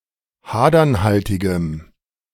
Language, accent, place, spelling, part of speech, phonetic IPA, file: German, Germany, Berlin, hadernhaltigem, adjective, [ˈhaːdɐnˌhaltɪɡəm], De-hadernhaltigem.ogg
- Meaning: strong dative masculine/neuter singular of hadernhaltig